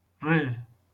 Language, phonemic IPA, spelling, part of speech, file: Northern Kurdish, /reː/, rê, noun, LL-Q36163 (kmr)-rê.wav
- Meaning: way, road